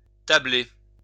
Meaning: to base one's scheming
- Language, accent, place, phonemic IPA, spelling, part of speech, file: French, France, Lyon, /ta.ble/, tabler, verb, LL-Q150 (fra)-tabler.wav